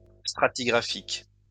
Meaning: stratigraphic
- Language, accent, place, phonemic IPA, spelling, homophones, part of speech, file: French, France, Lyon, /stʁa.ti.ɡʁa.fik/, stratigraphique, stratigraphiques, adjective, LL-Q150 (fra)-stratigraphique.wav